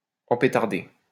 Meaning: to bugger, to fuck up the ass
- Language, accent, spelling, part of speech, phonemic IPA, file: French, France, empétarder, verb, /ɑ̃.pe.taʁ.de/, LL-Q150 (fra)-empétarder.wav